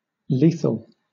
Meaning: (adjective) Of, pertaining to, or causing death; deadly; mortal; fatal; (noun) 1. Any weapon that causes death 2. An allele that causes the death of the organism that carries it
- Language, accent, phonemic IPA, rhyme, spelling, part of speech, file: English, Southern England, /ˈliː.θəl/, -iːθəl, lethal, adjective / noun, LL-Q1860 (eng)-lethal.wav